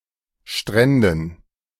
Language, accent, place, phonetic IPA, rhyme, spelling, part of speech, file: German, Germany, Berlin, [ˈʃtʁɛndn̩], -ɛndn̩, Stränden, noun, De-Stränden.ogg
- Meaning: dative plural of Strand